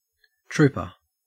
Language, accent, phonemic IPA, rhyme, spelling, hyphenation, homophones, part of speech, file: English, Australia, /ˈtɹuːpə(ɹ)/, -uːpə(ɹ), trooper, troop‧er, trouper, noun / verb, En-au-trooper.ogg
- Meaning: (noun) 1. A soldier of private rank in cavalry or armor 2. A cavalry horse; a charger 3. A soldier 4. A troopship 5. Ellipsis of state trooper 6. A mounted policeman